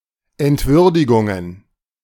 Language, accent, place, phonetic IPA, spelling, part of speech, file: German, Germany, Berlin, [ɛntˈvʏʁdɪɡʊŋən], Entwürdigungen, noun, De-Entwürdigungen.ogg
- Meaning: plural of Entwürdigung